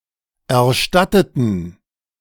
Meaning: inflection of erstatten: 1. first/third-person plural preterite 2. first/third-person plural subjunctive II
- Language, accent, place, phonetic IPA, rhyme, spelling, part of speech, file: German, Germany, Berlin, [ɛɐ̯ˈʃtatətn̩], -atətn̩, erstatteten, adjective / verb, De-erstatteten.ogg